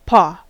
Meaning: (noun) 1. The soft foot of a mammal or other animal, generally a quadruped, that has claws or nails; comparable to a human hand or foot 2. A hand
- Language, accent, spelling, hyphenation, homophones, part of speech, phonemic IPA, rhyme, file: English, US, paw, paw, pore, noun / verb, /pɔ/, -ɔː, En-us-paw.ogg